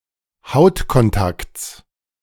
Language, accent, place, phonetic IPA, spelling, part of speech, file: German, Germany, Berlin, [ˈhaʊ̯tkɔnˌtakt͡s], Hautkontakts, noun, De-Hautkontakts.ogg
- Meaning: genitive singular of Hautkontakt